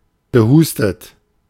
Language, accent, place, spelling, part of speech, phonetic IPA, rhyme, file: German, Germany, Berlin, gehustet, verb, [ɡəˈhuːstət], -uːstət, De-gehustet.ogg
- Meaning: past participle of husten